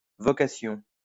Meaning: 1. vocation, calling 2. vocation (employment; career; work)
- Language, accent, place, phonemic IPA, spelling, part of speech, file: French, France, Lyon, /vɔ.ka.sjɔ̃/, vocation, noun, LL-Q150 (fra)-vocation.wav